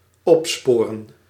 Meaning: to trace, identify
- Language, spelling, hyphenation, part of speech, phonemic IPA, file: Dutch, opsporen, op‧spo‧ren, verb, /ˈɔpˌspoː.rə(n)/, Nl-opsporen.ogg